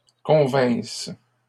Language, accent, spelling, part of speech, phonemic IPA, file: French, Canada, convinsses, verb, /kɔ̃.vɛ̃s/, LL-Q150 (fra)-convinsses.wav
- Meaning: second-person singular imperfect subjunctive of convenir